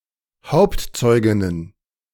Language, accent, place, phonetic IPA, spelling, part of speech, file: German, Germany, Berlin, [ˈhaʊ̯ptˌt͡sɔɪ̯ɡɪnən], Hauptzeuginnen, noun, De-Hauptzeuginnen.ogg
- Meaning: plural of Hauptzeugin